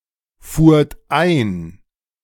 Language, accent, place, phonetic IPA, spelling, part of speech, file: German, Germany, Berlin, [ˌfuːɐ̯t ˈaɪ̯n], fuhrt ein, verb, De-fuhrt ein.ogg
- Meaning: second-person plural preterite of einfahren